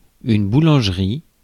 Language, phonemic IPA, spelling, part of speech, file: French, /bu.lɑ̃ʒ.ʁi/, boulangerie, noun, Fr-boulangerie.ogg
- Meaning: bread shop; bakery, baker's